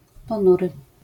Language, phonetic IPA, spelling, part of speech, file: Polish, [pɔ̃ˈnurɨ], ponury, adjective, LL-Q809 (pol)-ponury.wav